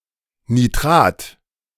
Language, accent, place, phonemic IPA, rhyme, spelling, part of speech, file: German, Germany, Berlin, /niˈtʁaːt/, -aːt, Nitrat, noun, De-Nitrat.ogg
- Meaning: nitrate